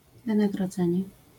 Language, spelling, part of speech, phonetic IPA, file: Polish, wynagrodzenie, noun, [ˌvɨ̃naɡrɔˈd͡zɛ̃ɲɛ], LL-Q809 (pol)-wynagrodzenie.wav